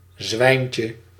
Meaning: diminutive of zwijn
- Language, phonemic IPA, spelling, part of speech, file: Dutch, /ˈzwɛiɲcə/, zwijntje, noun, Nl-zwijntje.ogg